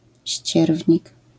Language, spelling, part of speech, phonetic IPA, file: Polish, ścierwnik, noun, [ˈɕt͡ɕɛrvʲɲik], LL-Q809 (pol)-ścierwnik.wav